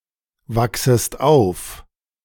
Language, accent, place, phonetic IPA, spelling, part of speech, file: German, Germany, Berlin, [ˌvaksəst ˈaʊ̯f], wachsest auf, verb, De-wachsest auf.ogg
- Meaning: second-person singular subjunctive I of aufwachsen